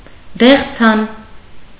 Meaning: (adjective) 1. light yellowish 2. flaxen; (noun) synonym of դեղձանիկ (deġjanik)
- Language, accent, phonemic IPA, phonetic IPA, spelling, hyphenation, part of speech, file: Armenian, Eastern Armenian, /deχˈt͡sʰɑn/, [deχt͡sʰɑ́n], դեղձան, դեղ‧ձան, adjective / noun, Hy-դեղձան.ogg